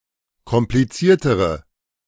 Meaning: inflection of kompliziert: 1. strong/mixed nominative/accusative feminine singular comparative degree 2. strong nominative/accusative plural comparative degree
- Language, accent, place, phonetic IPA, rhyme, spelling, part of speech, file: German, Germany, Berlin, [kɔmpliˈt͡siːɐ̯təʁə], -iːɐ̯təʁə, kompliziertere, adjective, De-kompliziertere.ogg